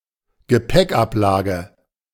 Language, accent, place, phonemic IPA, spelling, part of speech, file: German, Germany, Berlin, /ɡəˈpɛkˌʔaplaːɡə/, Gepäckablage, noun, De-Gepäckablage.ogg
- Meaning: luggage rack, overhead compartment